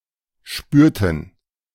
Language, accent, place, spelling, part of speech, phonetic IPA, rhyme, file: German, Germany, Berlin, spürten, verb, [ˈʃpyːɐ̯tn̩], -yːɐ̯tn̩, De-spürten.ogg
- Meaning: inflection of spüren: 1. first/third-person plural preterite 2. first/third-person plural subjunctive II